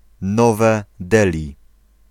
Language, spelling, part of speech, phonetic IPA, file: Polish, Nowe Delhi, proper noun, [ˈnɔvɛ ˈdɛlʲi], Pl-Nowe Delhi.ogg